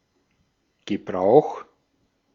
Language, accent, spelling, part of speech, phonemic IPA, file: German, Austria, Gebrauch, noun, /ɡəˈbʁaʊ̯x/, De-at-Gebrauch.ogg
- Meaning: 1. use, usage 2. application 3. practice, customs